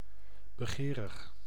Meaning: covetous, avaricious, desirous
- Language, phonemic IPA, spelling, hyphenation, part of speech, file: Dutch, /bəˈɣeːrəx/, begerig, be‧ge‧rig, adjective, Nl-begerig.ogg